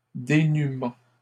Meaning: destitution
- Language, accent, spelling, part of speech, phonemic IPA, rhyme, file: French, Canada, dénuement, noun, /de.ny.mɑ̃/, -ɑ̃, LL-Q150 (fra)-dénuement.wav